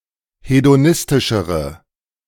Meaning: inflection of hedonistisch: 1. strong/mixed nominative/accusative feminine singular comparative degree 2. strong nominative/accusative plural comparative degree
- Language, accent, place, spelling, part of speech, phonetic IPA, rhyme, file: German, Germany, Berlin, hedonistischere, adjective, [hedoˈnɪstɪʃəʁə], -ɪstɪʃəʁə, De-hedonistischere.ogg